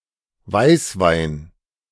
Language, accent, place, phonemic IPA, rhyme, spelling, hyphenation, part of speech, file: German, Germany, Berlin, /ˈvaɪ̯svaɪ̯n/, -aɪ̯n, Weißwein, Weiß‧wein, noun, De-Weißwein.ogg
- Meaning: white wine (light-coloured wine (usually yellow with a hint of green))